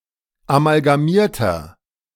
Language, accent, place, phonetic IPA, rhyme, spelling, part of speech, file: German, Germany, Berlin, [amalɡaˈmiːɐ̯tɐ], -iːɐ̯tɐ, amalgamierter, adjective, De-amalgamierter.ogg
- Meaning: inflection of amalgamiert: 1. strong/mixed nominative masculine singular 2. strong genitive/dative feminine singular 3. strong genitive plural